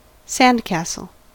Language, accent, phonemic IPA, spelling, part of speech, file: English, US, /ˈsæn(d)ˌkæsəl/, sandcastle, noun, En-us-sandcastle.ogg
- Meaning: A sculpture made of sand and resembling a miniature castle; typically, but not always, made for fun by a child on a beach